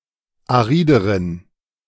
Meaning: inflection of arid: 1. strong genitive masculine/neuter singular comparative degree 2. weak/mixed genitive/dative all-gender singular comparative degree
- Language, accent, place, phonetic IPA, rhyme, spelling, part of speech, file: German, Germany, Berlin, [aˈʁiːdəʁən], -iːdəʁən, arideren, adjective, De-arideren.ogg